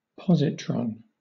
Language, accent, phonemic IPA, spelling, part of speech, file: English, Southern England, /ˈpɒz.ɪ.tɹɒn/, positron, noun, LL-Q1860 (eng)-positron.wav
- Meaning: The antimatter equivalent of an electron, having the same mass but a positive charge